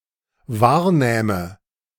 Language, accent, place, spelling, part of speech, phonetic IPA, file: German, Germany, Berlin, wahrnähme, verb, [ˈvaːɐ̯ˌnɛːmə], De-wahrnähme.ogg
- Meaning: first/third-person singular dependent subjunctive II of wahrnehmen